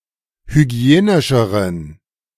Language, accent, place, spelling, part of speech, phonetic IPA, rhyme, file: German, Germany, Berlin, hygienischeren, adjective, [hyˈɡi̯eːnɪʃəʁən], -eːnɪʃəʁən, De-hygienischeren.ogg
- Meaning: inflection of hygienisch: 1. strong genitive masculine/neuter singular comparative degree 2. weak/mixed genitive/dative all-gender singular comparative degree